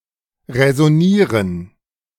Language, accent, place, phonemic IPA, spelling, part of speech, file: German, Germany, Berlin, /ʁɛzɔˈniːʁən/, räsonieren, verb, De-räsonieren.ogg
- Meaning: to reason, to argue